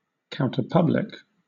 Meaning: Opposing or serving as a counterbalance to the dominant public
- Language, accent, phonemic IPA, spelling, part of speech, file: English, Southern England, /ˌkaʊntəˈpʌblɪk/, counterpublic, adjective, LL-Q1860 (eng)-counterpublic.wav